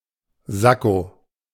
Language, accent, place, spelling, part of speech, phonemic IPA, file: German, Germany, Berlin, Sakko, noun, /ˈzako/, De-Sakko.ogg
- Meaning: sportcoat; sports coat; sports jacket